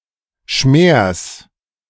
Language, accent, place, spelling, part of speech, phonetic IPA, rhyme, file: German, Germany, Berlin, Schmers, noun, [ʃmeːɐ̯s], -eːɐ̯s, De-Schmers.ogg
- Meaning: genitive singular of Schmer